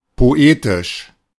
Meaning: poetic
- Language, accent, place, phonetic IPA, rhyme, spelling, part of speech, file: German, Germany, Berlin, [poˈeːtɪʃ], -eːtɪʃ, poetisch, adjective, De-poetisch.ogg